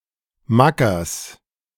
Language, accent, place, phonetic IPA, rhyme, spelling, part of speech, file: German, Germany, Berlin, [ˈmakɐs], -akɐs, Mackers, noun, De-Mackers.ogg
- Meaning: genitive of Macker